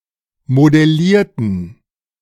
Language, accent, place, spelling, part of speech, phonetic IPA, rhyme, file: German, Germany, Berlin, modellierten, adjective / verb, [modɛˈliːɐ̯tn̩], -iːɐ̯tn̩, De-modellierten.ogg
- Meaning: inflection of modellieren: 1. first/third-person plural preterite 2. first/third-person plural subjunctive II